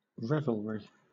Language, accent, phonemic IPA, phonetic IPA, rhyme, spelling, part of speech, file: English, Southern England, /ˈɹɛvəlɹi/, [ˈɹɛv.əɫ.ɹi], -ɛvəlɹi, revelry, noun, LL-Q1860 (eng)-revelry.wav
- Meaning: Joyful or riotous merry-making